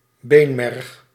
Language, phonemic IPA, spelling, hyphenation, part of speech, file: Dutch, /ˈbeːn.mɛrx/, beenmerg, been‧merg, noun, Nl-beenmerg.ogg
- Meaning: bone marrow